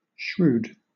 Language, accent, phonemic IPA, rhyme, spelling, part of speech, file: English, Southern England, /ʃɹuːd/, -uːd, shrewd, adjective, LL-Q1860 (eng)-shrewd.wav
- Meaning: 1. Showing clever resourcefulness in practical matters 2. Artful, tricky or cunning 3. streetwise, street-smart 4. Knowledgeable, intelligent, keen 5. Nigh accurate 6. Severe, intense, hard